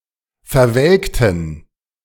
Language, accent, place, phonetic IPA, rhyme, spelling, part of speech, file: German, Germany, Berlin, [fɛɐ̯ˈvɛlktn̩], -ɛlktn̩, verwelkten, adjective / verb, De-verwelkten.ogg
- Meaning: inflection of verwelken: 1. first/third-person plural preterite 2. first/third-person plural subjunctive II